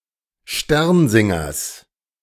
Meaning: genitive singular of Sternsinger
- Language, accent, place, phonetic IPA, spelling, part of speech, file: German, Germany, Berlin, [ˈʃtɛʁnˌzɪŋɐs], Sternsingers, noun, De-Sternsingers.ogg